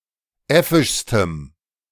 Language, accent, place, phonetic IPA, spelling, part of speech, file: German, Germany, Berlin, [ˈɛfɪʃstəm], äffischstem, adjective, De-äffischstem.ogg
- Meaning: strong dative masculine/neuter singular superlative degree of äffisch